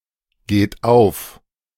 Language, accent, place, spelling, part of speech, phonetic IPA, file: German, Germany, Berlin, geht auf, verb, [ˌɡeːt ˈaʊ̯f], De-geht auf.ogg
- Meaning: inflection of aufgehen: 1. third-person singular present 2. second-person plural present 3. plural imperative